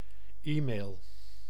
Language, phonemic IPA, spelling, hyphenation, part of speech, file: Dutch, /ˈimeːl/, e-mail, e-mail, noun / verb, Nl-e-mail.ogg
- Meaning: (noun) e-mail; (verb) inflection of e-mailen: 1. first-person singular present indicative 2. second-person singular present indicative 3. imperative